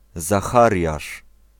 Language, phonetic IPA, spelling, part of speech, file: Polish, [zaˈxarʲjaʃ], Zachariasz, proper noun, Pl-Zachariasz.ogg